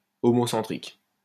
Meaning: homocentric
- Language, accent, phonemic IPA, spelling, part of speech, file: French, France, /ɔ.mɔ.sɑ̃.tʁik/, homocentrique, adjective, LL-Q150 (fra)-homocentrique.wav